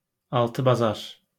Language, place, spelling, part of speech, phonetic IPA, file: Azerbaijani, Baku, altı-bazar, noun, [ɑɫtɯbɑˈzɑɾ], LL-Q9292 (aze)-altı-bazar.wav
- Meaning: weekend